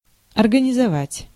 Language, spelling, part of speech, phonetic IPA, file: Russian, организовать, verb, [ɐrɡənʲɪzɐˈvatʲ], Ru-организовать.ogg
- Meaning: to organise, to arrange (to set up, organise)